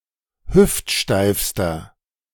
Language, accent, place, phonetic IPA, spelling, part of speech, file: German, Germany, Berlin, [ˈhʏftˌʃtaɪ̯fstɐ], hüftsteifster, adjective, De-hüftsteifster.ogg
- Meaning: inflection of hüftsteif: 1. strong/mixed nominative masculine singular superlative degree 2. strong genitive/dative feminine singular superlative degree 3. strong genitive plural superlative degree